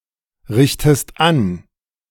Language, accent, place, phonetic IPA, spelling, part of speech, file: German, Germany, Berlin, [ˌʁɪçtəst ˈan], richtest an, verb, De-richtest an.ogg
- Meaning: inflection of anrichten: 1. second-person singular present 2. second-person singular subjunctive I